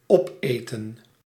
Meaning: to eat up, to devour
- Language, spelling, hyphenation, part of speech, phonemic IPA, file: Dutch, opeten, op‧eten, verb, /ˈɔpˌeː.tə(n)/, Nl-opeten.ogg